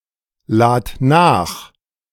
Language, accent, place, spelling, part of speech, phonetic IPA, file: German, Germany, Berlin, lad nach, verb, [ˌlaːt ˈnaːx], De-lad nach.ogg
- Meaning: singular imperative of nachladen